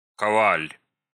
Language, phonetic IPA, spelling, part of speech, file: Russian, [kɐˈvalʲ], коваль, noun, Ru-кова́ль.ogg
- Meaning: smith, blacksmith